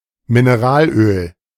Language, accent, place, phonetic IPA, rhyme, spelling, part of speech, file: German, Germany, Berlin, [mɪneˈʁaːlˌʔøːl], -aːlʔøːl, Mineralöl, noun, De-Mineralöl.ogg
- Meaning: oil, mineral oil (petroleum product)